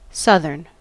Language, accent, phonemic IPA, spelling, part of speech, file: English, US, /ˈsʌðɚn/, southern, adjective / noun, En-us-southern.ogg
- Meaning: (adjective) 1. Of, facing, situated in, or related to the south 2. Of or pertaining to a southern region, especially Southern Europe or the southern United States